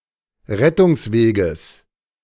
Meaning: genitive singular of Rettungsweg
- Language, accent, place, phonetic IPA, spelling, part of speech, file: German, Germany, Berlin, [ˈʁɛtʊŋsˌveːɡəs], Rettungsweges, noun, De-Rettungsweges.ogg